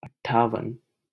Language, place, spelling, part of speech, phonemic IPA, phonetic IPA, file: Hindi, Delhi, अट्ठावन, numeral, /əʈ.ʈʰɑː.ʋən/, [ɐʈ̚.ʈʰäː.ʋɐ̃n], LL-Q1568 (hin)-अट्ठावन.wav
- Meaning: fifty-eight